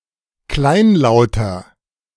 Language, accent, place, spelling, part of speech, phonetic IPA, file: German, Germany, Berlin, kleinlauter, adjective, [ˈklaɪ̯nˌlaʊ̯tɐ], De-kleinlauter.ogg
- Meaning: 1. comparative degree of kleinlaut 2. inflection of kleinlaut: strong/mixed nominative masculine singular 3. inflection of kleinlaut: strong genitive/dative feminine singular